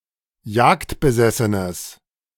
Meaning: strong/mixed nominative/accusative neuter singular of jagdbesessen
- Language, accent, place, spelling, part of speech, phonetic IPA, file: German, Germany, Berlin, jagdbesessenes, adjective, [ˈjaːktbəˌzɛsənəs], De-jagdbesessenes.ogg